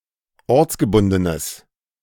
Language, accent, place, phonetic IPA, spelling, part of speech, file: German, Germany, Berlin, [ˈɔʁt͡sɡəˌbʊndənəs], ortsgebundenes, adjective, De-ortsgebundenes.ogg
- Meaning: strong/mixed nominative/accusative neuter singular of ortsgebunden